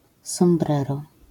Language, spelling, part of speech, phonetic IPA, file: Polish, sombrero, noun, [sɔ̃mˈbrɛrɔ], LL-Q809 (pol)-sombrero.wav